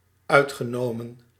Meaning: past participle of uitnemen
- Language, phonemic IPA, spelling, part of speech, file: Dutch, /ˈœytxəˌnomə(n)/, uitgenomen, verb / preposition / postposition, Nl-uitgenomen.ogg